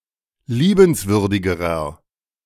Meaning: inflection of liebenswürdig: 1. strong/mixed nominative masculine singular comparative degree 2. strong genitive/dative feminine singular comparative degree
- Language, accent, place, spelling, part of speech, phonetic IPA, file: German, Germany, Berlin, liebenswürdigerer, adjective, [ˈliːbənsvʏʁdɪɡəʁɐ], De-liebenswürdigerer.ogg